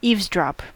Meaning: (verb) 1. To hear (intentionally) a conversation one is not intended to hear; to listen in 2. To listen for another organism's calls, so as to exploit them
- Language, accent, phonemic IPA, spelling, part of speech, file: English, US, /ˈivzˌdɹɑp/, eavesdrop, verb / noun, En-us-eavesdrop.ogg